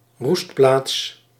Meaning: roost (resting place of birds)
- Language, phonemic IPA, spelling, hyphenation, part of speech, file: Dutch, /ˈrust.plaːts/, roestplaats, roest‧plaats, noun, Nl-roestplaats.ogg